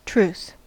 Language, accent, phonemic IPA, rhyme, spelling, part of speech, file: English, General American, /tɹuθ/, -uːθ, truth, noun / verb, En-us-truth.ogg
- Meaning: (noun) 1. True facts, genuine depiction or statements of reality 2. Conformity to fact or reality; correctness, accuracy 3. The state or quality of being true to someone or something